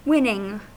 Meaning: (verb) present participle and gerund of win; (adjective) 1. That constitutes a win 2. That leads to success 3. Attractive; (noun) The act of obtaining something, as in a contest or by competition
- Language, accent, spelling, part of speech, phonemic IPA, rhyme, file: English, US, winning, verb / adjective / noun, /ˈwɪnɪŋ/, -ɪnɪŋ, En-us-winning.ogg